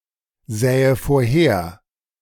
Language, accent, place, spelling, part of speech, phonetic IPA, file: German, Germany, Berlin, sähe vorher, verb, [ˌzɛːə foːɐ̯ˈheːɐ̯], De-sähe vorher.ogg
- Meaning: first/third-person singular subjunctive II of vorhersehen